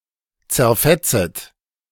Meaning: second-person plural subjunctive I of zerfetzen
- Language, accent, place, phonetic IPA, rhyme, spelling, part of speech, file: German, Germany, Berlin, [t͡sɛɐ̯ˈfɛt͡sət], -ɛt͡sət, zerfetzet, verb, De-zerfetzet.ogg